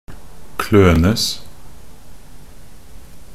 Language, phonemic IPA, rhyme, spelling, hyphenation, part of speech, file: Norwegian Bokmål, /ˈkløːnəs/, -əs, klønes, klø‧nes, verb, Nb-klønes.ogg
- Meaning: passive of kløne